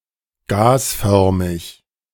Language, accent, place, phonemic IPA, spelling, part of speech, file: German, Germany, Berlin, /ˈɡaːsˌfœʁmɪç/, gasförmig, adjective, De-gasförmig.ogg
- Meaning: 1. gaseous (relating to, or existing as, gas) 2. gassy